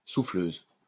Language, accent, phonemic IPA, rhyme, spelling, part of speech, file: French, France, /su.fløz/, -øz, souffleuse, noun, LL-Q150 (fra)-souffleuse.wav
- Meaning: 1. snowblower 2. female equivalent of souffleur (“prompter”)